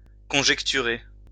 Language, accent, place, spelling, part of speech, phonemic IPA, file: French, France, Lyon, conjecturer, verb, /kɔ̃.ʒɛk.ty.ʁe/, LL-Q150 (fra)-conjecturer.wav
- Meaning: to conjecture, surmise, speculate, wonder